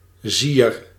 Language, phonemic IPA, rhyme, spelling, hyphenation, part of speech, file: Dutch, /ziːr/, -ir, zier, zier, noun, Nl-zier.ogg
- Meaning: 1. a tiny amount 2. a mite